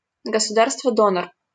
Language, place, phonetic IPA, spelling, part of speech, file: Russian, Saint Petersburg, [ɡəsʊˈdarstvə ˈdonər], государство-донор, noun, LL-Q7737 (rus)-государство-донор.wav
- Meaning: donor state